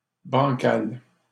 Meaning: 1. bow-legged, bandy-legged (of person) 2. rickety, wobbly (of table etc.) 3. shaky, unclear, illogical
- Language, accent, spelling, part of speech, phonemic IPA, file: French, Canada, bancal, adjective, /bɑ̃.kal/, LL-Q150 (fra)-bancal.wav